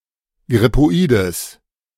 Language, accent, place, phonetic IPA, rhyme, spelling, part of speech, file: German, Germany, Berlin, [ɡʁɪpoˈiːdəs], -iːdəs, grippoides, adjective, De-grippoides.ogg
- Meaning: strong/mixed nominative/accusative neuter singular of grippoid